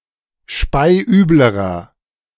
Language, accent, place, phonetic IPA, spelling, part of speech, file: German, Germany, Berlin, [ˈʃpaɪ̯ˈʔyːbləʁɐ], speiüblerer, adjective, De-speiüblerer.ogg
- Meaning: inflection of speiübel: 1. strong/mixed nominative masculine singular comparative degree 2. strong genitive/dative feminine singular comparative degree 3. strong genitive plural comparative degree